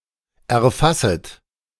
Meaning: second-person plural subjunctive I of erfassen
- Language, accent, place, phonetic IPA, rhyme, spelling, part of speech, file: German, Germany, Berlin, [ɛɐ̯ˈfasət], -asət, erfasset, verb, De-erfasset.ogg